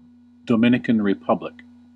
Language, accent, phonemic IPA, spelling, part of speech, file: English, US, /doʊˌmɪn.ɪ.kən ɹəˈpʌb.lɪk/, Dominican Republic, proper noun, En-us-Dominican Republic.ogg
- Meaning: A country in the Caribbean. Capital: Santo Domingo